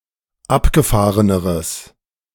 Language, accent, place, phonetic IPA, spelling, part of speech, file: German, Germany, Berlin, [ˈapɡəˌfaːʁənəʁəs], abgefahreneres, adjective, De-abgefahreneres.ogg
- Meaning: strong/mixed nominative/accusative neuter singular comparative degree of abgefahren